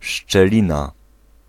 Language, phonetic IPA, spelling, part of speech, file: Polish, [ʃt͡ʃɛˈlʲĩna], szczelina, noun, Pl-szczelina.ogg